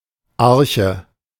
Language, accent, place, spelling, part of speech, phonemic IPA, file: German, Germany, Berlin, Arche, noun, /ˈarçə/, De-Arche.ogg
- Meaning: 1. ark (Noah’s ship) 2. ark of the covenant 3. broad, middle-sized boat or ship 4. wooden box, chest